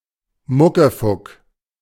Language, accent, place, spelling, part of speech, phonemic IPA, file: German, Germany, Berlin, Muckefuck, noun, /ˈmʊkəfʊk/, De-Muckefuck.ogg
- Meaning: 1. coffee substitute, ersatz coffee 2. thin coffee